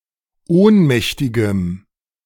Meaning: strong dative masculine/neuter singular of ohnmächtig
- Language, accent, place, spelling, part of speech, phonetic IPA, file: German, Germany, Berlin, ohnmächtigem, adjective, [ˈoːnˌmɛçtɪɡəm], De-ohnmächtigem.ogg